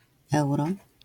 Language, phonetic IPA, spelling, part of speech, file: Polish, [ˈɛwrɔ], euro-, prefix, LL-Q809 (pol)-euro-.wav